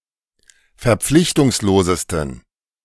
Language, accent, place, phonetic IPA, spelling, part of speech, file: German, Germany, Berlin, [fɛɐ̯ˈp͡flɪçtʊŋsloːzəstn̩], verpflichtungslosesten, adjective, De-verpflichtungslosesten.ogg
- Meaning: 1. superlative degree of verpflichtungslos 2. inflection of verpflichtungslos: strong genitive masculine/neuter singular superlative degree